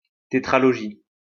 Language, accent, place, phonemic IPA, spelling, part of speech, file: French, France, Lyon, /te.tʁa.lɔ.ʒi/, tétralogie, noun, LL-Q150 (fra)-tétralogie.wav
- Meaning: tetralogy (a series of four related works)